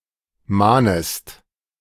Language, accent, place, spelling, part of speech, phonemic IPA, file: German, Germany, Berlin, mahnest, verb, /ˈmaːnəst/, De-mahnest.ogg
- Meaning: second-person singular subjunctive I of mahnen